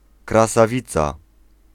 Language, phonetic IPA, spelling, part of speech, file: Polish, [ˌkrasaˈvʲit͡sa], krasawica, noun, Pl-krasawica.ogg